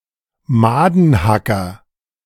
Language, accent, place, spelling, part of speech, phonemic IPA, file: German, Germany, Berlin, Madenhacker, noun, /ˈmaːdn̩ˌhakɐ/, De-Madenhacker.ogg
- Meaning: oxpecker